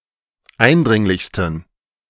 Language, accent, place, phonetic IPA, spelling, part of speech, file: German, Germany, Berlin, [ˈaɪ̯nˌdʁɪŋlɪçstn̩], eindringlichsten, adjective, De-eindringlichsten.ogg
- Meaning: 1. superlative degree of eindringlich 2. inflection of eindringlich: strong genitive masculine/neuter singular superlative degree